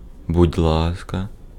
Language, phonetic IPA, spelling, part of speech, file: Ukrainian, [budʲ ˈɫaskɐ], будь ласка, phrase, Uk-будь ласка.ogg
- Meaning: 1. please 2. you're welcome 3. here you are